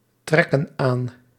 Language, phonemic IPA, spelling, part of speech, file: Dutch, /ˈtrɛkə(n) ˈan/, trekken aan, verb, Nl-trekken aan.ogg
- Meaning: inflection of aantrekken: 1. plural present indicative 2. plural present subjunctive